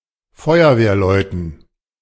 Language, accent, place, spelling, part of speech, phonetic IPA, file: German, Germany, Berlin, Feuerwehrleuten, noun, [ˈfɔɪ̯ɐveːɐ̯ˌlɔɪ̯tn̩], De-Feuerwehrleuten.ogg
- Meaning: dative plural of Feuerwehrmann